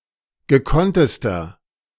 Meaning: inflection of gekonnt: 1. strong/mixed nominative masculine singular superlative degree 2. strong genitive/dative feminine singular superlative degree 3. strong genitive plural superlative degree
- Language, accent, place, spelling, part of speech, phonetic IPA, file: German, Germany, Berlin, gekonntester, adjective, [ɡəˈkɔntəstɐ], De-gekonntester.ogg